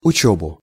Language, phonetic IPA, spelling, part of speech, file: Russian, [ʊˈt͡ɕɵbʊ], учёбу, noun, Ru-учёбу.ogg
- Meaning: accusative singular of учёба (učóba)